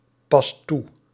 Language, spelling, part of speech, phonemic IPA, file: Dutch, past toe, verb, /ˈpɑst ˈtu/, Nl-past toe.ogg
- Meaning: inflection of toepassen: 1. second/third-person singular present indicative 2. plural imperative